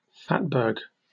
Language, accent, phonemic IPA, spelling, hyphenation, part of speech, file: English, Received Pronunciation, /ˈfætbɜːɡ/, fatberg, fat‧berg, noun, En-uk-fatberg.oga
- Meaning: A large accumulation of fat and discarded toiletries which clogs sewers